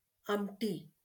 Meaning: sweet-and-sour lentil soup
- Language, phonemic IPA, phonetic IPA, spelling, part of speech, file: Marathi, /am.ʈi/, [am.ʈiː], आमटी, noun, LL-Q1571 (mar)-आमटी.wav